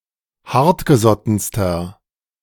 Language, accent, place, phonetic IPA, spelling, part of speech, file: German, Germany, Berlin, [ˈhaʁtɡəˌzɔtn̩stɐ], hartgesottenster, adjective, De-hartgesottenster.ogg
- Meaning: inflection of hartgesotten: 1. strong/mixed nominative masculine singular superlative degree 2. strong genitive/dative feminine singular superlative degree 3. strong genitive plural superlative degree